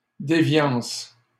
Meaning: 1. deviance (variation from expected behavior or form) 2. anomaly
- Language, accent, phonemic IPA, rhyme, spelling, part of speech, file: French, Canada, /de.vjɑ̃s/, -ɑ̃s, déviance, noun, LL-Q150 (fra)-déviance.wav